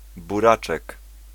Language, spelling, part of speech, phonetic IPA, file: Polish, buraczek, noun, [buˈrat͡ʃɛk], Pl-buraczek.ogg